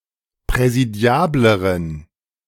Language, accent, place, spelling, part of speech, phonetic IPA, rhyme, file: German, Germany, Berlin, präsidiableren, adjective, [pʁɛziˈdi̯aːbləʁən], -aːbləʁən, De-präsidiableren.ogg
- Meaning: inflection of präsidiabel: 1. strong genitive masculine/neuter singular comparative degree 2. weak/mixed genitive/dative all-gender singular comparative degree